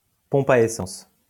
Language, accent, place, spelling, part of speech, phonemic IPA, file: French, France, Lyon, pompe à essence, noun, /pɔ̃p a e.sɑ̃s/, LL-Q150 (fra)-pompe à essence.wav
- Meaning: 1. gas pump 2. gas station, filling station